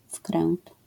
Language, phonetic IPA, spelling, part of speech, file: Polish, [fkrɛ̃nt], wkręt, noun, LL-Q809 (pol)-wkręt.wav